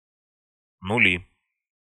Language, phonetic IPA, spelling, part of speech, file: Russian, [nʊˈlʲi], нули, noun, Ru-нули.ogg
- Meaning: 1. nominative plural of нуль (nulʹ) 2. nominative plural of ноль (nolʹ) 3. accusative plural of нуль (nulʹ) 4. accusative plural of ноль (nolʹ)